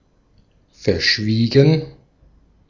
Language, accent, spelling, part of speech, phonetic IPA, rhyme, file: German, Austria, verschwiegen, adjective / verb, [fɛɐ̯ˈʃviːɡn̩], -iːɡn̩, De-at-verschwiegen.ogg
- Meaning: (verb) past participle of verschweigen; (adjective) 1. reticent, tight-lipped, quiet 2. secretive 3. discreet